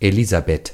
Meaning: 1. Elizabeth (biblical character) 2. a female given name from Biblical Hebrew
- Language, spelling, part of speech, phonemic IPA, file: German, Elisabeth, proper noun, /eˈliːzaˌbɛt/, De-Elisabeth.ogg